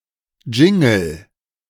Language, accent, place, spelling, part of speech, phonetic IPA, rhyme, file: German, Germany, Berlin, Jingle, noun, [ˈd͡ʒɪŋl̩], -ɪŋl̩, De-Jingle.ogg
- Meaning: jingle